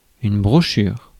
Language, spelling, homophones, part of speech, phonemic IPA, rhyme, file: French, brochure, brochures, noun, /bʁɔ.ʃyʁ/, -yʁ, Fr-brochure.ogg
- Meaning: 1. brocade 2. needlework 3. brochure, booklet, pamphlet